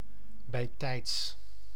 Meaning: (adverb) in good time, well in advance; betimes, betides
- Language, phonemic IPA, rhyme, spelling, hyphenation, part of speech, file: Dutch, /bɛi̯ˈtɛi̯ts/, -ɛi̯ts, bijtijds, bij‧tijds, adverb / adjective, Nl-bijtijds.ogg